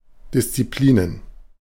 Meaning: plural of Disziplin
- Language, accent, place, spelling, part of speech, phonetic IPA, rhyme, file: German, Germany, Berlin, Disziplinen, noun, [dɪst͡siˈpliːnən], -iːnən, De-Disziplinen.ogg